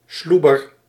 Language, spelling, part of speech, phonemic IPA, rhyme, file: Dutch, sloeber, noun, /ˈslubər/, -ubər, Nl-sloeber.ogg
- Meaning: 1. pitiable person 2. kind-hearted, loyal person, often somewhat big and slow 3. naughty child; rascal